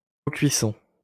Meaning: cofiring
- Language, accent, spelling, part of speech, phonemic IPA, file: French, France, cocuisson, noun, /kɔ.kɥi.sɔ̃/, LL-Q150 (fra)-cocuisson.wav